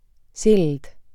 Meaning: bridge: 1. A construction spanning across a waterway, road, etc. allowing the flow of traffic 2. A spiritual connection
- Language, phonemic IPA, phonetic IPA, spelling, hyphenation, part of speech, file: Estonian, /ˈsild̥/, [ˈsʲild̥], sild, sild, noun, Et-sild.ogg